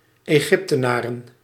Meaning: plural of Egyptenaar
- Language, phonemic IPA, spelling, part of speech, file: Dutch, /eˈɣɪptənarə/, Egyptenaren, noun, Nl-Egyptenaren.ogg